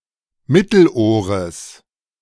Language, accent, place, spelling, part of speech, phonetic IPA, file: German, Germany, Berlin, Mittelohres, noun, [ˈmɪtl̩ˌʔoːʁəs], De-Mittelohres.ogg
- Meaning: genitive singular of Mittelohr